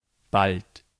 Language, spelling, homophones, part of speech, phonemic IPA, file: German, bald, ballt, adverb, /balt/, De-bald.ogg
- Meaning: 1. soon (near in time) 2. almost (of a changing value that is predicted to reach said number soon) 3. indicates a rapid alternation of states; now ..., now ...; sometimes ..., sometimes ...